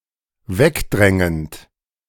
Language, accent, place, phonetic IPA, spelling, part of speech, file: German, Germany, Berlin, [ˈvɛkˌdʁɛŋənt], wegdrängend, verb, De-wegdrängend.ogg
- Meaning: present participle of wegdrängen